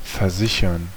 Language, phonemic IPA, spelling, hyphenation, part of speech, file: German, /ferˈzɪçərn/, versichern, ver‧si‧chern, verb, De-versichern.ogg
- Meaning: 1. to insure (to provide for compensation if some specified risk occurs) 2. to reassure, assure: [with dative ‘someone’ and accusative ‘about something’]